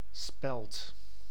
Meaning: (noun) spelt (grain); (verb) inflection of spellen: 1. second/third-person singular present indicative 2. plural imperative
- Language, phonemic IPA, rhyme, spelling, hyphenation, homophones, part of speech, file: Dutch, /spɛlt/, -ɛlt, spelt, spelt, speld, noun / verb, Nl-spelt.ogg